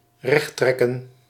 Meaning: 1. to straighten 2. to correct (of facts, statements)
- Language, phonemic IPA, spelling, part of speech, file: Dutch, /ˈrɛxtrɛkə(n)/, rechttrekken, verb, Nl-rechttrekken.ogg